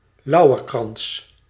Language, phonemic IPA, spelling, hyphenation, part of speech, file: Dutch, /ˈlɑu̯.ərˌkrɑns/, lauwerkrans, lau‧wer‧krans, noun, Nl-lauwerkrans.ogg
- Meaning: a laurel wreath, a symbol of victory